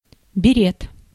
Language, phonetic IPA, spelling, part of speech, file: Russian, [bʲɪˈrʲet], берет, noun, Ru-берет.ogg
- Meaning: beret